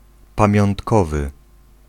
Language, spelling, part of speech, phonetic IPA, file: Polish, pamiątkowy, adjective, [ˌpãmʲjɔ̃ntˈkɔvɨ], Pl-pamiątkowy.ogg